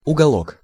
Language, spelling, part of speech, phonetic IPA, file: Russian, уголок, noun, [ʊɡɐˈɫok], Ru-уголок.ogg
- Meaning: 1. diminutive of у́гол (úgol): small corner (part or region) 2. nook